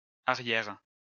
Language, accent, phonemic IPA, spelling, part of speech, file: French, France, /a.ʁjɛʁ/, arrières, adjective / noun, LL-Q150 (fra)-arrières.wav
- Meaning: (adjective) plural of arrière